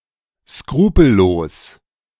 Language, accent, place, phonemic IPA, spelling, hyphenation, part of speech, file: German, Germany, Berlin, /ˈskʁuːpl̩ˌloːs/, skrupellos, skru‧pel‧los, adjective, De-skrupellos.ogg
- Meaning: unscrupulous (contemptuous of what is right or honourable)